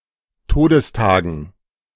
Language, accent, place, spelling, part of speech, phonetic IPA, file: German, Germany, Berlin, Todestagen, noun, [ˈtoːdəsˌtaːɡn̩], De-Todestagen.ogg
- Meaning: dative plural of Todestag